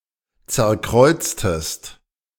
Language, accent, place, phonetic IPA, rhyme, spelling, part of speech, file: German, Germany, Berlin, [ˌt͡sɛɐ̯ˈkʁɔɪ̯t͡stəst], -ɔɪ̯t͡stəst, zerkreuztest, verb, De-zerkreuztest.ogg
- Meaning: inflection of zerkreuzen: 1. second-person singular preterite 2. second-person singular subjunctive II